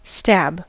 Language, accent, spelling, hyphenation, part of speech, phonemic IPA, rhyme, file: English, US, stab, stab, noun / verb / adjective, /stæb/, -æb, En-us-stab.ogg
- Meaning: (noun) 1. An act of stabbing or thrusting with an object to hurt or kill someone 2. A wound made by stabbing 3. Pain inflicted on a person's feelings 4. An attempt 5. Criticism